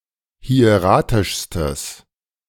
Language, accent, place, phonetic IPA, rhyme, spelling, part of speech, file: German, Germany, Berlin, [hi̯eˈʁaːtɪʃstəs], -aːtɪʃstəs, hieratischstes, adjective, De-hieratischstes.ogg
- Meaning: strong/mixed nominative/accusative neuter singular superlative degree of hieratisch